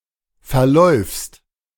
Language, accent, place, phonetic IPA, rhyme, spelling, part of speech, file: German, Germany, Berlin, [fɛɐ̯ˈlɔɪ̯fst], -ɔɪ̯fst, verläufst, verb, De-verläufst.ogg
- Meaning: second-person singular present of verlaufen